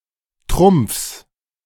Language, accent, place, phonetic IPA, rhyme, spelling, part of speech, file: German, Germany, Berlin, [tʁʊmp͡fs], -ʊmp͡fs, Trumpfs, noun, De-Trumpfs.ogg
- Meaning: genitive singular of Trumpf